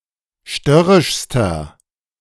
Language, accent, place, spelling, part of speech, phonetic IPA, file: German, Germany, Berlin, störrischster, adjective, [ˈʃtœʁɪʃstɐ], De-störrischster.ogg
- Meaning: inflection of störrisch: 1. strong/mixed nominative masculine singular superlative degree 2. strong genitive/dative feminine singular superlative degree 3. strong genitive plural superlative degree